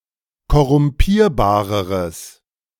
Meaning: strong/mixed nominative/accusative neuter singular comparative degree of korrumpierbar
- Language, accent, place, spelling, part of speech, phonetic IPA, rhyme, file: German, Germany, Berlin, korrumpierbareres, adjective, [kɔʁʊmˈpiːɐ̯baːʁəʁəs], -iːɐ̯baːʁəʁəs, De-korrumpierbareres.ogg